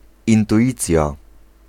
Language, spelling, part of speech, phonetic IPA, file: Polish, intuicja, noun, [ˌĩntuˈʲit͡sʲja], Pl-intuicja.ogg